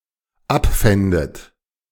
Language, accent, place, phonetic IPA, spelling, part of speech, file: German, Germany, Berlin, [ˈapˌfɛndət], abfändet, verb, De-abfändet.ogg
- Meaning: second-person plural dependent subjunctive II of abfinden